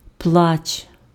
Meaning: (noun) 1. crying, weeping 2. cry; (verb) second-person singular imperative of пла́кати (plákaty)
- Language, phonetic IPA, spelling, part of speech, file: Ukrainian, [pɫat͡ʃ], плач, noun / verb, Uk-плач.ogg